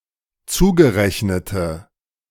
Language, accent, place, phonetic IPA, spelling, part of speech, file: German, Germany, Berlin, [ˈt͡suːɡəˌʁɛçnətə], zugerechnete, adjective, De-zugerechnete.ogg
- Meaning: inflection of zugerechnet: 1. strong/mixed nominative/accusative feminine singular 2. strong nominative/accusative plural 3. weak nominative all-gender singular